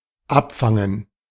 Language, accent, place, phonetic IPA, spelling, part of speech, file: German, Germany, Berlin, [ˈapˌfaŋən], Abfangen, noun, De-Abfangen.ogg
- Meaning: gerund of abfangen